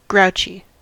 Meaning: Irritable; easily upset; angry; tending to complain
- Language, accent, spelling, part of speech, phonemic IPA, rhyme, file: English, US, grouchy, adjective, /ˈɡɹaʊt͡ʃi/, -aʊtʃi, En-us-grouchy.ogg